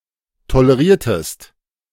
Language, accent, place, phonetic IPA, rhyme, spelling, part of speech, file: German, Germany, Berlin, [toləˈʁiːɐ̯təst], -iːɐ̯təst, toleriertest, verb, De-toleriertest.ogg
- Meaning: inflection of tolerieren: 1. second-person singular preterite 2. second-person singular subjunctive II